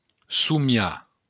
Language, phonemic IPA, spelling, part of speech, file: Occitan, /suˈmja/, somiar, verb, LL-Q942602-somiar.wav
- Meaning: 1. to dream 2. to imagine